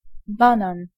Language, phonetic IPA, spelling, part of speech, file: Polish, [ˈbãnãn], banan, noun, Pl-banan.ogg